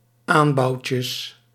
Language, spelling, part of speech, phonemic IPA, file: Dutch, aanbouwtjes, noun, /ˈambɑuwcəs/, Nl-aanbouwtjes.ogg
- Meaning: plural of aanbouwtje